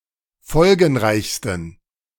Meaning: 1. superlative degree of folgenreich 2. inflection of folgenreich: strong genitive masculine/neuter singular superlative degree
- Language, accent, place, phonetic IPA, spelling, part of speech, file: German, Germany, Berlin, [ˈfɔlɡn̩ˌʁaɪ̯çstn̩], folgenreichsten, adjective, De-folgenreichsten.ogg